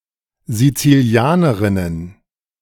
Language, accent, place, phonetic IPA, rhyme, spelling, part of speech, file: German, Germany, Berlin, [zit͡siˈli̯aːnəʁɪnən], -aːnəʁɪnən, Sizilianerinnen, noun, De-Sizilianerinnen.ogg
- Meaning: plural of Sizilianerin